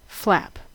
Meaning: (noun) 1. Anything broad and flexible that hangs loose, or that is attached by one side or end and is easily moved 2. A hinged leaf
- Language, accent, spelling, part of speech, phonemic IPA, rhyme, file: English, US, flap, noun / verb, /flæp/, -æp, En-us-flap.ogg